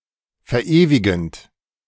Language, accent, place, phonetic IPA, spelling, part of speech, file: German, Germany, Berlin, [fɛɐ̯ˈʔeːvɪɡn̩t], verewigend, verb, De-verewigend.ogg
- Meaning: present participle of verewigen